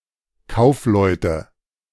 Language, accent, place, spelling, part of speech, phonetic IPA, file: German, Germany, Berlin, Kaufleute, noun, [ˈkaʊ̯fˌlɔɪ̯tə], De-Kaufleute.ogg
- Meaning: nominative/accusative/genitive plural of Kaufmann